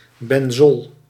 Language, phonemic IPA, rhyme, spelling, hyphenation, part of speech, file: Dutch, /bɛnˈzɔl/, -ɔl, benzol, ben‧zol, noun, Nl-benzol.ogg
- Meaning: benzene